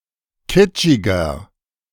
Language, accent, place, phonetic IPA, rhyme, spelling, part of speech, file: German, Germany, Berlin, [ˈkɪt͡ʃɪɡɐ], -ɪt͡ʃɪɡɐ, kitschiger, adjective, De-kitschiger.ogg
- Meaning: 1. comparative degree of kitschig 2. inflection of kitschig: strong/mixed nominative masculine singular 3. inflection of kitschig: strong genitive/dative feminine singular